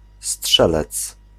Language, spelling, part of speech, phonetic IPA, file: Polish, strzelec, noun, [ˈsṭʃɛlɛt͡s], Pl-strzelec.ogg